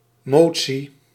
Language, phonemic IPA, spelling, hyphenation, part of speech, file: Dutch, /ˈmoː.(t)si/, motie, mo‧tie, noun, Nl-motie.ogg
- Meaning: motion, vote, proposal